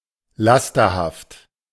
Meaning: vicious
- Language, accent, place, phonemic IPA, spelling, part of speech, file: German, Germany, Berlin, /ˈlastɐhaft/, lasterhaft, adjective, De-lasterhaft.ogg